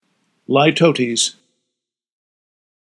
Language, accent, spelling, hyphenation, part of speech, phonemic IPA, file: English, Received Pronunciation, litotes, li‧to‧tes, noun, /laɪˈtəʊ.tiːz/, Litotes.ogg
- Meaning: A figure of speech whereby something is stated by denying its opposite